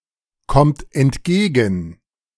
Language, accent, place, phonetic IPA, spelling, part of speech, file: German, Germany, Berlin, [ˌkɔmt ɛntˈɡeːɡn̩], kommt entgegen, verb, De-kommt entgegen.ogg
- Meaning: inflection of entgegenkommen: 1. third-person singular present 2. second-person plural present 3. plural imperative